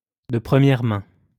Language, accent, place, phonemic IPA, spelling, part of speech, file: French, France, Lyon, /də pʁə.mjɛʁ mɛ̃/, de première main, prepositional phrase, LL-Q150 (fra)-de première main.wav
- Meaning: straight from the horse's mouth, firsthand, directly from the source